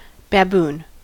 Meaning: 1. An Old World monkey of the genus Papio, having dog-like muzzles and large canine teeth, cheek pouches, a short tail, and naked callosities on the buttocks 2. A foolish, stupid or incompetent person
- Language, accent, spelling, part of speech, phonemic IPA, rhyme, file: English, US, baboon, noun, /ˌbæˈbuːn/, -uːn, En-us-baboon.ogg